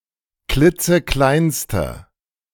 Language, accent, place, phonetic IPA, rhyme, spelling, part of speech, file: German, Germany, Berlin, [ˈklɪt͡səˈklaɪ̯nstə], -aɪ̯nstə, klitzekleinste, adjective, De-klitzekleinste.ogg
- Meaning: inflection of klitzeklein: 1. strong/mixed nominative/accusative feminine singular superlative degree 2. strong nominative/accusative plural superlative degree